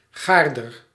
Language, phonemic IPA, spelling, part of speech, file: Dutch, /ˈɣardər/, gaarder, adjective / noun, Nl-gaarder.ogg
- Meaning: comparative degree of gaar